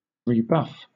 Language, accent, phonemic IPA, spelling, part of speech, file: English, Southern England, /ɹiːˈbʌf/, rebuff, verb, LL-Q1860 (eng)-rebuff.wav
- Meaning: To buff again